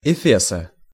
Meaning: genitive singular of эфе́с (efés)
- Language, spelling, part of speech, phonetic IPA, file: Russian, эфеса, noun, [ɪˈfʲesə], Ru-эфеса.ogg